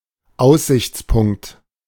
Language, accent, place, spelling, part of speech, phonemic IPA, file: German, Germany, Berlin, Aussichtspunkt, noun, /ˈaʊ̯szɪçt͡spʊŋkt/, De-Aussichtspunkt.ogg
- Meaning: 1. overlook 2. vantage point 3. viewpoint